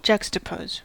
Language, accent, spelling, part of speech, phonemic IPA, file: English, US, juxtapose, verb, /ˈd͡ʒʌk.stəˌpoʊz/, En-us-juxtapose.ogg
- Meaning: To place side by side, especially for contrast or comparison